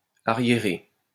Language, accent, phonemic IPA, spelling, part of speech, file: French, France, /a.ʁje.ʁe/, arriérer, verb, LL-Q150 (fra)-arriérer.wav
- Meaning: to tarry (be late)